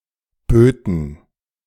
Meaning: first/third-person plural subjunctive II of bieten
- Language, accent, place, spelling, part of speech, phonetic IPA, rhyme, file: German, Germany, Berlin, böten, verb, [ˈbøːtn̩], -øːtn̩, De-böten.ogg